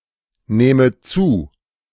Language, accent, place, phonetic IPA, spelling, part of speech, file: German, Germany, Berlin, [ˌnɛːmə ˈt͡suː], nähme zu, verb, De-nähme zu.ogg
- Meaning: first/third-person singular subjunctive II of zunehmen